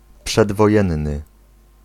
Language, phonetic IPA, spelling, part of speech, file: Polish, [ˌpʃɛdvɔˈjɛ̃nːɨ], przedwojenny, adjective, Pl-przedwojenny.ogg